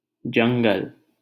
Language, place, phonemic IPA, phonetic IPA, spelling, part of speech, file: Hindi, Delhi, /d͡ʒəŋ.ɡəl/, [d͡ʒɐ̃ŋ.ɡɐl], जंगल, noun, LL-Q1568 (hin)-जंगल.wav
- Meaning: forest, woods